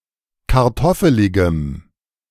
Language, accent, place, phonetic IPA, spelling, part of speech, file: German, Germany, Berlin, [kaʁˈtɔfəlɪɡəm], kartoffeligem, adjective, De-kartoffeligem.ogg
- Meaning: strong dative masculine/neuter singular of kartoffelig